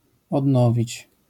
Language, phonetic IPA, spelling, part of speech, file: Polish, [ɔdˈnɔvʲit͡ɕ], odnowić, verb, LL-Q809 (pol)-odnowić.wav